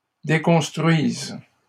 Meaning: first/third-person singular present subjunctive of déconstruire
- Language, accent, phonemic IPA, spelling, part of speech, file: French, Canada, /de.kɔ̃s.tʁɥiz/, déconstruise, verb, LL-Q150 (fra)-déconstruise.wav